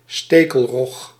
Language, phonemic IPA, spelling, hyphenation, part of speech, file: Dutch, /ˈsteː.kəlˌrɔx/, stekelrog, ste‧kel‧rog, noun, Nl-stekelrog.ogg
- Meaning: the thornback ray, Raja clavata